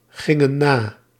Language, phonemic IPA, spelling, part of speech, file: Dutch, /ˈɣɪŋə(n) ˈna/, gingen na, verb, Nl-gingen na.ogg
- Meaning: inflection of nagaan: 1. plural past indicative 2. plural past subjunctive